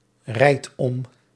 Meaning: inflection of omrijden: 1. first-person singular present indicative 2. second-person singular present indicative 3. imperative
- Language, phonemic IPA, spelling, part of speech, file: Dutch, /ˈrɛit ˈɔm/, rijd om, verb, Nl-rijd om.ogg